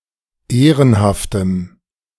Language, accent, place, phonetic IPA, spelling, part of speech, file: German, Germany, Berlin, [ˈeːʁənhaftəm], ehrenhaftem, adjective, De-ehrenhaftem.ogg
- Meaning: strong dative masculine/neuter singular of ehrenhaft